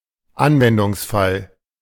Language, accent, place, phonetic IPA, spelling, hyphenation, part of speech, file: German, Germany, Berlin, [ˈanvɛndʊŋsˌfal], Anwendungsfall, An‧wen‧dungs‧fall, noun, De-Anwendungsfall.ogg
- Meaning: use case